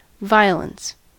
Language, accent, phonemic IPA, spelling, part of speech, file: English, US, /ˈvaɪ(ə)lən(t)s/, violence, noun / verb, En-us-violence.ogg
- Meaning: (noun) 1. Extreme force 2. Physical action which causes destruction, harm, pain, or suffering 3. Widespread fighting 4. A perceived injustice, especially in the context of social justice